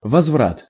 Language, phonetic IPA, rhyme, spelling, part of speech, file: Russian, [vɐzˈvrat], -at, возврат, noun, Ru-возврат.ogg
- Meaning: 1. return (act of returning) 2. restitution, reimbursement